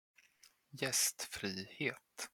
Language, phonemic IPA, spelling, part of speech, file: Swedish, /jɛstfriːheːt/, gästfrihet, noun, Sv-gästfrihet.flac
- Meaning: hospitality, hospitableness (the quality of being welcoming and generous towards guests)